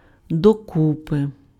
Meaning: together
- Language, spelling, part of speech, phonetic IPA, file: Ukrainian, докупи, adverb, [doˈkupe], Uk-докупи.ogg